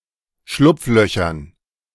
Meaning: dative plural of Schlupfloch
- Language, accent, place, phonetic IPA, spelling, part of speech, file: German, Germany, Berlin, [ˈʃlʊp͡fˌlœçɐn], Schlupflöchern, noun, De-Schlupflöchern.ogg